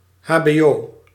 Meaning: initialism of hoger beroepsonderwijs (“higher vocational education/training”), i.e. vocational school, (US) ± community college
- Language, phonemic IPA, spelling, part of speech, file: Dutch, /ˌhabeˈjo/, hbo, noun, Nl-hbo.ogg